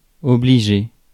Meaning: 1. to oblige, to require, to compel, to force 2. (intransitive) to have to 3. to help, to aid
- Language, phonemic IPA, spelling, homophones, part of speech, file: French, /ɔ.bli.ʒe/, obliger, obligé / obligeai, verb, Fr-obliger.ogg